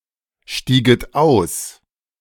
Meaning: second-person plural subjunctive II of aussteigen
- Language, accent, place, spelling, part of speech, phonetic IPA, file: German, Germany, Berlin, stieget aus, verb, [ˌʃtiːɡət ˈaʊ̯s], De-stieget aus.ogg